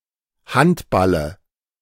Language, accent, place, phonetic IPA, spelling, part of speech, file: German, Germany, Berlin, [ˈhantˌbalə], Handballe, noun, De-Handballe.ogg
- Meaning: dative singular of Handball